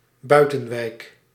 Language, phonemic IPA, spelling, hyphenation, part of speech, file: Dutch, /ˈbœy̯.tə(n)ˌʋɛi̯k/, buitenwijk, bui‧ten‧wijk, noun, Nl-buitenwijk.ogg
- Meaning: an outlying suburb